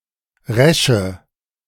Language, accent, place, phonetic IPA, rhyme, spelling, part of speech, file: German, Germany, Berlin, [ˈʁɛʃə], -ɛʃə, resche, adjective, De-resche.ogg
- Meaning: inflection of resch: 1. strong/mixed nominative/accusative feminine singular 2. strong nominative/accusative plural 3. weak nominative all-gender singular 4. weak accusative feminine/neuter singular